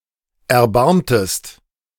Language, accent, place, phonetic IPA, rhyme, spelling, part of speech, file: German, Germany, Berlin, [ɛɐ̯ˈbaʁmtəst], -aʁmtəst, erbarmtest, verb, De-erbarmtest.ogg
- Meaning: inflection of erbarmen: 1. second-person singular preterite 2. second-person singular subjunctive II